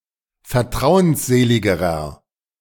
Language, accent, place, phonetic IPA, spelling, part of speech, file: German, Germany, Berlin, [fɛɐ̯ˈtʁaʊ̯ənsˌzeːlɪɡəʁɐ], vertrauensseligerer, adjective, De-vertrauensseligerer.ogg
- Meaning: inflection of vertrauensselig: 1. strong/mixed nominative masculine singular comparative degree 2. strong genitive/dative feminine singular comparative degree